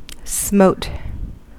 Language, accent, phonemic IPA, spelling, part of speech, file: English, US, /smoʊt/, smote, verb, En-us-smote.ogg
- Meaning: 1. simple past of smite 2. past participle of smite 3. simple past of smight